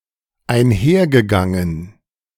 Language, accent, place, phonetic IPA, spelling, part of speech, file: German, Germany, Berlin, [aɪ̯nˈhɛɐ̯ɡəˌɡaŋən], einhergegangen, verb, De-einhergegangen.ogg
- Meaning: past participle of einhergehen